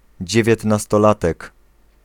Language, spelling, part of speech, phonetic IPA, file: Polish, dziewiętnastolatek, noun, [ˌd͡ʑɛvʲjɛtnastɔˈlatɛk], Pl-dziewiętnastolatek.ogg